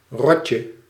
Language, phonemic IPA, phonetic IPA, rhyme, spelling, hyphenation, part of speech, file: Dutch, /ˈrɔtjə/, [ˈrɔ.cə], -ɔtjə, rotje, rot‧je, noun, Nl-rotje.ogg
- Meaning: 1. diminutive of rot 2. firecracker 3. synonym of stormvogeltje (“European storm petrel (Hydrobates pelagicus)”)